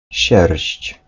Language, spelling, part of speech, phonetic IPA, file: Polish, sierść, noun, [ɕɛrʲɕt͡ɕ], Pl-sierść.ogg